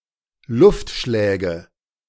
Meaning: nominative/accusative/genitive plural of Luftschlag
- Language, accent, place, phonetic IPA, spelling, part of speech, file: German, Germany, Berlin, [ˈlʊftˌʃlɛːɡə], Luftschläge, noun, De-Luftschläge.ogg